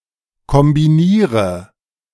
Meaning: inflection of kombinieren: 1. first-person singular present 2. singular imperative 3. first/third-person singular subjunctive I
- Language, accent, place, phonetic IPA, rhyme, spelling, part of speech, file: German, Germany, Berlin, [kɔmbiˈniːʁə], -iːʁə, kombiniere, verb, De-kombiniere.ogg